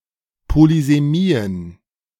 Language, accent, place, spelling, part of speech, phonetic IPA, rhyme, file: German, Germany, Berlin, Polysemien, noun, [polizeˈmiːən], -iːən, De-Polysemien.ogg
- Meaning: plural of Polysemie